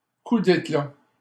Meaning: a great feat, a great deed, a grand gesture
- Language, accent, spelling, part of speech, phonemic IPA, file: French, Canada, coup d'éclat, noun, /ku d‿e.kla/, LL-Q150 (fra)-coup d'éclat.wav